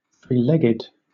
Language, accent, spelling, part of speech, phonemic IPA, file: English, Southern England, three-legged, adjective / noun, /θɹiːˈlɛɡɪd/, LL-Q1860 (eng)-three-legged.wav
- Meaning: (adjective) 1. Having three legs 2. Having a large penis; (noun) 1. Something with three legs 2. An intersection where three roads meet